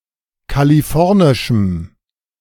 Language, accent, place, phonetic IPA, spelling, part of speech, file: German, Germany, Berlin, [kaliˈfɔʁnɪʃm̩], kalifornischem, adjective, De-kalifornischem.ogg
- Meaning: strong dative masculine/neuter singular of kalifornisch